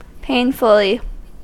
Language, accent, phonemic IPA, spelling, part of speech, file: English, US, /ˈpeɪnfəli/, painfully, adverb, En-us-painfully.ogg
- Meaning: 1. In a painful manner; as if in pain 2. Badly; poorly